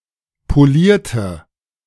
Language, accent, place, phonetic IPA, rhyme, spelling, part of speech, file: German, Germany, Berlin, [poˈliːɐ̯tə], -iːɐ̯tə, polierte, adjective / verb, De-polierte.ogg
- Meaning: inflection of polieren: 1. first/third-person singular preterite 2. first/third-person singular subjunctive II